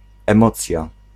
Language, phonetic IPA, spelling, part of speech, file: Polish, [ɛ̃ˈmɔt͡sʲja], emocja, noun, Pl-emocja.ogg